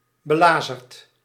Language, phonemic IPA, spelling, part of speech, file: Dutch, /bəˈlazərt/, belazerd, verb / adjective, Nl-belazerd.ogg
- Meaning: past participle of belazeren